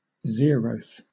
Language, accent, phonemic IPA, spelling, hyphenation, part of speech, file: English, Southern England, /ˈzɪəɹəʊθ/, zeroth, zeroth, adjective, LL-Q1860 (eng)-zeroth.wav
- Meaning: 1. In the initial position in a sequence whose elements are numbered starting at zero; the ordinal number corresponding to zero 2. Corresponding to a position preceding the first